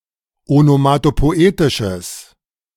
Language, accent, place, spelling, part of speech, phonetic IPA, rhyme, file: German, Germany, Berlin, onomatopoetisches, adjective, [onomatopoˈʔeːtɪʃəs], -eːtɪʃəs, De-onomatopoetisches.ogg
- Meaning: strong/mixed nominative/accusative neuter singular of onomatopoetisch